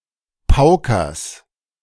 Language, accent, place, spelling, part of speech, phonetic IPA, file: German, Germany, Berlin, paukest, verb, [ˈpaʊ̯kəst], De-paukest.ogg
- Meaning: second-person singular subjunctive I of pauken